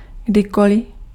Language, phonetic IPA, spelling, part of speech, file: Czech, [ˈɡdɪkolɪ], kdykoli, adverb, Cs-kdykoli.ogg
- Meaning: whenever, at any time